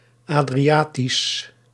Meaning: Adriatic
- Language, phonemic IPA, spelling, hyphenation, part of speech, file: Dutch, /ˌaː.driˈaː.tis/, Adriatisch, Adri‧a‧tisch, adjective, Nl-Adriatisch.ogg